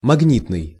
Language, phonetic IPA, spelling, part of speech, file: Russian, [mɐɡˈnʲitnɨj], магнитный, adjective, Ru-магнитный.ogg
- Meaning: magnetic